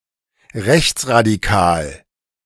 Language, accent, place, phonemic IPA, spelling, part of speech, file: German, Germany, Berlin, /ˈʁɛçt͡sʁadiˌkaːl/, rechtsradikal, adjective, De-rechtsradikal.ogg
- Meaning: right-wing radical